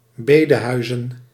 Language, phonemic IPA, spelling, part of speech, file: Dutch, /ˈbedəhœyzə(n)/, bedehuizen, noun, Nl-bedehuizen.ogg
- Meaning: plural of bedehuis